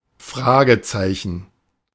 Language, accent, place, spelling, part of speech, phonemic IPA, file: German, Germany, Berlin, Fragezeichen, noun, /ˈfʁaːɡətsaɪ̯çn̩/, De-Fragezeichen.ogg
- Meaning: question mark (punctuation)